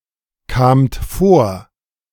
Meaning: second-person plural preterite of vorkommen
- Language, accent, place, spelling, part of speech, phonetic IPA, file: German, Germany, Berlin, kamt vor, verb, [ˌkaːmt ˈfoːɐ̯], De-kamt vor.ogg